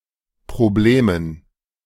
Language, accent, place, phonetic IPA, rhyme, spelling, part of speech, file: German, Germany, Berlin, [pʁoˈbleːmən], -eːmən, Problemen, noun, De-Problemen.ogg
- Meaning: dative plural of Problem